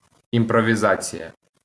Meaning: improvisation
- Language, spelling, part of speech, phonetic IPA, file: Ukrainian, імпровізація, noun, [imprɔʋʲiˈzat͡sʲijɐ], LL-Q8798 (ukr)-імпровізація.wav